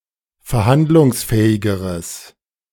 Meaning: strong/mixed nominative/accusative neuter singular comparative degree of verhandlungsfähig
- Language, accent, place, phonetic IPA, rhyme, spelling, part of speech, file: German, Germany, Berlin, [fɛɐ̯ˈhandlʊŋsˌfɛːɪɡəʁəs], -andlʊŋsfɛːɪɡəʁəs, verhandlungsfähigeres, adjective, De-verhandlungsfähigeres.ogg